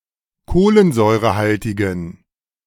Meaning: inflection of kohlensäurehaltig: 1. strong genitive masculine/neuter singular 2. weak/mixed genitive/dative all-gender singular 3. strong/weak/mixed accusative masculine singular
- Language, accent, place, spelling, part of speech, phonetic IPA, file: German, Germany, Berlin, kohlensäurehaltigen, adjective, [ˈkoːlənzɔɪ̯ʁəˌhaltɪɡn̩], De-kohlensäurehaltigen.ogg